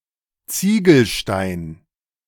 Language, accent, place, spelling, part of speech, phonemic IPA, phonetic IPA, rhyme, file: German, Germany, Berlin, Ziegelstein, noun, /ˈt͡siːɡəlˌʃtaɪ̯n/, [ˈt͡siːɡl̩ˌʃtaɪ̯n], -aɪ̯n, De-Ziegelstein.ogg
- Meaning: 1. a brick used in masonry 2. one of the lawbooks published with red covers by the C. H. Beck publisher and admitted for examinations